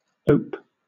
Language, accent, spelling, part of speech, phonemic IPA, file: English, Southern England, ope, adjective / verb / noun, /əʊp/, LL-Q1860 (eng)-ope.wav
- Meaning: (adjective) Open; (verb) To open; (noun) An alley or narrow passage (an opening between houses, buildings, etc)